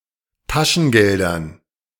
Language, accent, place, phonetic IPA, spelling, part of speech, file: German, Germany, Berlin, [ˈtaʃn̩ˌɡɛldɐn], Taschengeldern, noun, De-Taschengeldern.ogg
- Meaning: dative plural of Taschengeld